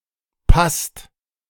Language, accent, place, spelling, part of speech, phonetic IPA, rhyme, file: German, Germany, Berlin, passt, verb, [past], -ast, De-passt.ogg
- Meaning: inflection of passen: 1. second/third-person singular present 2. second-person plural present 3. plural imperative